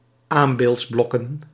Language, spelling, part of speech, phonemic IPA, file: Dutch, aambeeldsblokken, noun, /ˈambeltsˌblɔkə(n)/, Nl-aambeeldsblokken.ogg
- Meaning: plural of aambeeldsblok